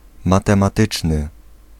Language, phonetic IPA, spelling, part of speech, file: Polish, [ˌmatɛ̃maˈtɨt͡ʃnɨ], matematyczny, adjective, Pl-matematyczny.ogg